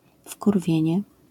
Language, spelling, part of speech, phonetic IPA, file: Polish, wkurwienie, noun, [fkurˈvʲjɛ̇̃ɲɛ], LL-Q809 (pol)-wkurwienie.wav